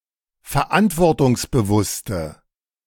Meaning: inflection of verantwortungsbewusst: 1. strong/mixed nominative/accusative feminine singular 2. strong nominative/accusative plural 3. weak nominative all-gender singular
- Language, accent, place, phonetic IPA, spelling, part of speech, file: German, Germany, Berlin, [fɛɐ̯ˈʔantvɔʁtʊŋsbəˌvʊstə], verantwortungsbewusste, adjective, De-verantwortungsbewusste.ogg